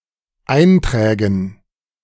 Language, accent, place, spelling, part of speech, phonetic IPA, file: German, Germany, Berlin, Einträgen, noun, [ˈaɪ̯ntʁɛːɡn̩], De-Einträgen.ogg
- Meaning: dative plural of Eintrag